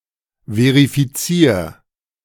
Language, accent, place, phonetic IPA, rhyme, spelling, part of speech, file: German, Germany, Berlin, [ˌveʁifiˈt͡siːɐ̯], -iːɐ̯, verifizier, verb, De-verifizier.ogg
- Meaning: singular imperative of verifizieren